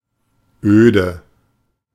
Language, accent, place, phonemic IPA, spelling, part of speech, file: German, Germany, Berlin, /ˈʔøːdə/, öde, adjective, De-öde.ogg
- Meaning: 1. empty, bare, barren, bleak, desolate, deserted 2. tedious, dull, dreary